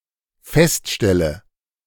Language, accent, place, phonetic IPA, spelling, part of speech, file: German, Germany, Berlin, [ˈfɛstˌʃtɛlə], feststelle, verb, De-feststelle.ogg
- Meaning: inflection of feststellen: 1. first-person singular dependent present 2. first/third-person singular dependent subjunctive I